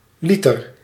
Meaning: litre
- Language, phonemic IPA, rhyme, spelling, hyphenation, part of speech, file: Dutch, /ˈli.tər/, -itər, liter, li‧ter, noun, Nl-liter.ogg